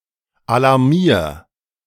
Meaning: 1. singular imperative of alarmieren 2. first-person singular present of alarmieren
- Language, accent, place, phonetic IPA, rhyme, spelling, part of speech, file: German, Germany, Berlin, [alaʁˈmiːɐ̯], -iːɐ̯, alarmier, verb, De-alarmier.ogg